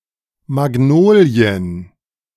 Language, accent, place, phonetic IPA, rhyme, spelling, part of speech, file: German, Germany, Berlin, [maˈɡnoːli̯ən], -oːli̯ən, Magnolien, noun, De-Magnolien.ogg
- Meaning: plural of Magnolie